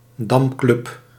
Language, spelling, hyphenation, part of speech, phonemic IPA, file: Dutch, damclub, dam‧club, noun, /ˈdɑm.klʏp/, Nl-damclub.ogg
- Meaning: checker club